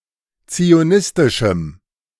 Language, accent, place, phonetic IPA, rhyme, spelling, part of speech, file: German, Germany, Berlin, [t͡sioˈnɪstɪʃm̩], -ɪstɪʃm̩, zionistischem, adjective, De-zionistischem.ogg
- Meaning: strong dative masculine/neuter singular of zionistisch